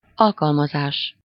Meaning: verbal noun of alkalmaz: application (the act of applying as a means; the employment of means to accomplish an end; specific use)
- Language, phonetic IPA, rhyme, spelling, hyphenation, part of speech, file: Hungarian, [ˈɒlkɒlmɒzaːʃ], -aːʃ, alkalmazás, al‧kal‧ma‧zás, noun, Hu-alkalmazás.ogg